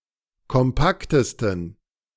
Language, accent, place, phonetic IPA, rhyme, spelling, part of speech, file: German, Germany, Berlin, [kɔmˈpaktəstn̩], -aktəstn̩, kompaktesten, adjective, De-kompaktesten.ogg
- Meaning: 1. superlative degree of kompakt 2. inflection of kompakt: strong genitive masculine/neuter singular superlative degree